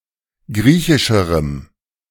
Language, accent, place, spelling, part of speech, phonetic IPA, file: German, Germany, Berlin, griechischerem, adjective, [ˈɡʁiːçɪʃəʁəm], De-griechischerem.ogg
- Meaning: strong dative masculine/neuter singular comparative degree of griechisch